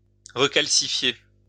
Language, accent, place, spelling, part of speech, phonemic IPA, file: French, France, Lyon, recalcifier, verb, /ʁə.kal.si.fje/, LL-Q150 (fra)-recalcifier.wav
- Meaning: to recalcify